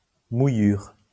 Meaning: 1. wetting 2. wetness, wet patch 3. palatalization
- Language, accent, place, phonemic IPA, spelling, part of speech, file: French, France, Lyon, /mu.jyʁ/, mouillure, noun, LL-Q150 (fra)-mouillure.wav